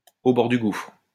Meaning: on the brink of the abyss, on the verge of ruin
- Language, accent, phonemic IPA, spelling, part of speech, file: French, France, /o bɔʁ dy ɡufʁ/, au bord du gouffre, prepositional phrase, LL-Q150 (fra)-au bord du gouffre.wav